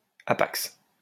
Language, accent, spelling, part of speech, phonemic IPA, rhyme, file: French, France, hapax, noun, /a.paks/, -aks, LL-Q150 (fra)-hapax.wav
- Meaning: hapax, hapax legomenon